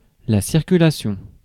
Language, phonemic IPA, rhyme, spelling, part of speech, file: French, /siʁ.ky.la.sjɔ̃/, -jɔ̃, circulation, noun, Fr-circulation.ogg
- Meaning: 1. circulation (act of moving in a circular shape) 2. circulation (of blood) 3. traffic 4. distribution, circulation (of a newspaper/magazine)